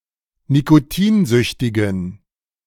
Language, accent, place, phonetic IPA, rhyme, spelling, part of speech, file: German, Germany, Berlin, [nikoˈtiːnˌzʏçtɪɡn̩], -iːnzʏçtɪɡn̩, nikotinsüchtigen, adjective, De-nikotinsüchtigen.ogg
- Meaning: inflection of nikotinsüchtig: 1. strong genitive masculine/neuter singular 2. weak/mixed genitive/dative all-gender singular 3. strong/weak/mixed accusative masculine singular 4. strong dative plural